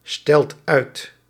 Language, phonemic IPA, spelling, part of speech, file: Dutch, /ˈstɛlt ˈœyt/, stelt uit, verb, Nl-stelt uit.ogg
- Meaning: inflection of uitstellen: 1. second/third-person singular present indicative 2. plural imperative